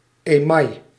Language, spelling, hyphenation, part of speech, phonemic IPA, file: Dutch, email, email, noun, /eːˈmɑi̯/, Nl-email.ogg
- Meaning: 1. enamel 2. tincture